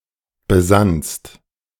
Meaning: second-person singular preterite of besinnen
- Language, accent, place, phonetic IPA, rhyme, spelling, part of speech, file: German, Germany, Berlin, [bəˈzanst], -anst, besannst, verb, De-besannst.ogg